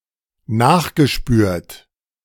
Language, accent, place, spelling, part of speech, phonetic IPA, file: German, Germany, Berlin, nachgespürt, verb, [ˈnaːxɡəˌʃpyːɐ̯t], De-nachgespürt.ogg
- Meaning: past participle of nachspüren